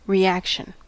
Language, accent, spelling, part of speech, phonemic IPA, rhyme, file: English, US, reaction, noun, /ɹiˈækʃən/, -ækʃən, En-us-reaction.ogg
- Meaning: 1. An action or statement in response to a stimulus or other event 2. A transformation in which one or more substances is converted into another by combination or decomposition